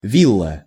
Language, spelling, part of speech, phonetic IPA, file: Russian, вилла, noun, [ˈvʲiɫːə], Ru-вилла.ogg
- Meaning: villa